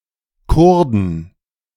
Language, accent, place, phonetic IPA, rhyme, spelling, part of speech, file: German, Germany, Berlin, [ˈkʊʁdn̩], -ʊʁdn̩, Kurden, noun, De-Kurden.ogg
- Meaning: 1. genitive singular of Kurde 2. plural of Kurde